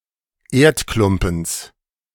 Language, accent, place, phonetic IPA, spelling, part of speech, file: German, Germany, Berlin, [ˈeːɐ̯tˌklʊmpn̩s], Erdklumpens, noun, De-Erdklumpens.ogg
- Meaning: genitive singular of Erdklumpen